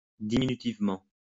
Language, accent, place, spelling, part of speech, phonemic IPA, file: French, France, Lyon, diminutivement, adverb, /di.mi.ny.tiv.mɑ̃/, LL-Q150 (fra)-diminutivement.wav
- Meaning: diminutively